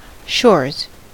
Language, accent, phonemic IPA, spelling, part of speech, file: English, US, /ʃɔɹz/, shores, noun / verb, En-us-shores.ogg
- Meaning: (noun) plural of shore; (verb) third-person singular simple present indicative of shore